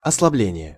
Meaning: weakening, slackening, relaxation
- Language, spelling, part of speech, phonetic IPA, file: Russian, ослабление, noun, [ɐsɫɐˈblʲenʲɪje], Ru-ослабление.ogg